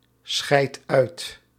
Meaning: inflection of uitscheiden: 1. second/third-person singular present indicative 2. plural imperative
- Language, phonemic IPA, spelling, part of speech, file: Dutch, /ˌsxɛi̯t ˈœy̯t/, scheidt uit, verb, Nl-scheidt uit.ogg